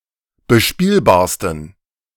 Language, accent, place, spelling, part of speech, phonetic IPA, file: German, Germany, Berlin, bespielbarsten, adjective, [bəˈʃpiːlbaːɐ̯stn̩], De-bespielbarsten.ogg
- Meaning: 1. superlative degree of bespielbar 2. inflection of bespielbar: strong genitive masculine/neuter singular superlative degree